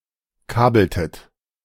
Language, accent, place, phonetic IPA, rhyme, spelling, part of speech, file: German, Germany, Berlin, [ˈkaːbl̩tət], -aːbl̩tət, kabeltet, verb, De-kabeltet.ogg
- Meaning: inflection of kabeln: 1. second-person plural preterite 2. second-person plural subjunctive II